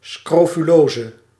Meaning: scrofula, scrofulosis
- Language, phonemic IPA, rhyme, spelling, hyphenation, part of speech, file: Dutch, /ˌskroː.fyˈloː.zə/, -oːzə, scrofulose, scro‧fu‧lo‧se, noun, Nl-scrofulose.ogg